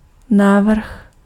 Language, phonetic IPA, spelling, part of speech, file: Czech, [ˈnaːvr̩x], návrh, noun, Cs-návrh.ogg
- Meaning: 1. suggestion, proposal 2. design